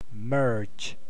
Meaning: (verb) 1. To combine into a whole 2. To combine two or more versions of a file into one file, especially using a version control system 3. To blend gradually into something else
- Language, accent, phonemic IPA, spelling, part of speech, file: English, US, /mɝd͡ʒ/, merge, verb / noun, En-us-merge.ogg